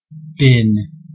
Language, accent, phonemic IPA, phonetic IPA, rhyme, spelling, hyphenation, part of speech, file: English, US, /ˈbɪn/, [ˈbɪn], -ɪn, bin, bin, noun / verb / contraction, En-us-bin.ogg
- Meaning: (noun) 1. A box, frame, crib, or enclosed place, used as a storage container 2. A container for rubbish or waste 3. Any of the discrete intervals in a histogram, etc